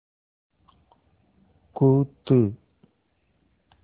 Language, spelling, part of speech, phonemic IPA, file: Tamil, கூத்து, noun, /kuːt̪ːɯ/, Ta-கூத்து.ogg
- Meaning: performance, dance